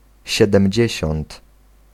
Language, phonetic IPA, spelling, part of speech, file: Polish, [ˌɕɛdɛ̃mʲˈd͡ʑɛ̇ɕɔ̃nt], siedemdziesiąt, adjective, Pl-siedemdziesiąt.ogg